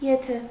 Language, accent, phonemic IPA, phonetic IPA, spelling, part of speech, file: Armenian, Eastern Armenian, /jeˈtʰe/, [jetʰé], եթե, conjunction, Hy-եթե.ogg
- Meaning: if